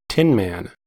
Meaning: 1. A maker of tinware; a tinsmith 2. A dealer in tinware 3. An uncaring or heartless man; a man lacking, or seeming to lack, feelings, emotions, or concern for others
- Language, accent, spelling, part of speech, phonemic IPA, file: English, US, tinman, noun, /ˈtɪn.mæn/, En-us-tinman.ogg